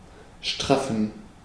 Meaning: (verb) to tighten, tauten; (adjective) inflection of straff: 1. strong genitive masculine/neuter singular 2. weak/mixed genitive/dative all-gender singular
- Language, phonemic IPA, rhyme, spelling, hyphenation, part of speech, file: German, /ˈʃtʁafn̩/, -afn̩, straffen, straf‧fen, verb / adjective, De-straffen.ogg